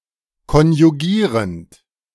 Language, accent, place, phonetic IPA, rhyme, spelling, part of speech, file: German, Germany, Berlin, [kɔnjuˈɡiːʁənt], -iːʁənt, konjugierend, verb, De-konjugierend.ogg
- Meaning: present participle of konjugieren